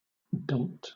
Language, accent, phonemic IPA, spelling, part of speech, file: English, Southern England, /dɒm(p)t/, dompt, verb, LL-Q1860 (eng)-dompt.wav
- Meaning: To bring (something) under control; to overcome, to subdue